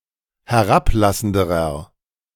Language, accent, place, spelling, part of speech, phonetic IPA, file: German, Germany, Berlin, herablassenderer, adjective, [hɛˈʁapˌlasn̩dəʁɐ], De-herablassenderer.ogg
- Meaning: inflection of herablassend: 1. strong/mixed nominative masculine singular comparative degree 2. strong genitive/dative feminine singular comparative degree 3. strong genitive plural comparative degree